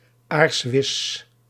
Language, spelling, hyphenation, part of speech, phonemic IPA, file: Dutch, aarswis, aars‧wis, noun, /ˈaːrs.ʋɪs/, Nl-aarswis.ogg
- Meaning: (scrap of) toilet paper